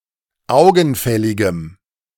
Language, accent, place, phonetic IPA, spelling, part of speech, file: German, Germany, Berlin, [ˈaʊ̯ɡn̩ˌfɛlɪɡəm], augenfälligem, adjective, De-augenfälligem.ogg
- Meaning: strong dative masculine/neuter singular of augenfällig